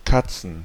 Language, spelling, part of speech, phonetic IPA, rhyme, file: German, Katzen, noun, [ˈkat͡sn̩], -at͡sn̩, De-Katzen.ogg
- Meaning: plural of Katze (“cats”)